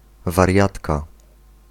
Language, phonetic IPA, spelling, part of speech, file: Polish, [varʲˈjatka], wariatka, noun, Pl-wariatka.ogg